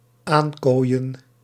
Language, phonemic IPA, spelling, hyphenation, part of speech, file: Dutch, /ˈaːnˌkoːi̯ə(n)/, aankooien, aan‧kooi‧en, verb, Nl-aankooien.ogg
- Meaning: to lock (a forme) by means of quoins